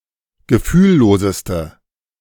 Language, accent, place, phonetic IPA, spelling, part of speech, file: German, Germany, Berlin, [ɡəˈfyːlˌloːzəstə], gefühlloseste, adjective, De-gefühlloseste.ogg
- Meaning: inflection of gefühllos: 1. strong/mixed nominative/accusative feminine singular superlative degree 2. strong nominative/accusative plural superlative degree